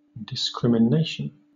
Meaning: Discernment, the act of discriminating, discerning, distinguishing, noting or perceiving differences between things, with the intent to understand rightly and make correct decisions
- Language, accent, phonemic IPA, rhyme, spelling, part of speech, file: English, Southern England, /dɪskɹɪmɪˈneɪʃən/, -eɪʃən, discrimination, noun, LL-Q1860 (eng)-discrimination.wav